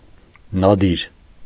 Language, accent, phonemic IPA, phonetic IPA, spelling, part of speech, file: Armenian, Eastern Armenian, /nɑˈdiɾ/, [nɑdíɾ], նադիր, noun, Hy-նադիր.ogg
- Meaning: nadir